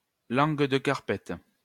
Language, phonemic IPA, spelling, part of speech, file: French, /kaʁ.pɛt/, carpette, noun, LL-Q150 (fra)-carpette.wav
- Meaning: 1. a rug, a doormat 2. doormat, submissive person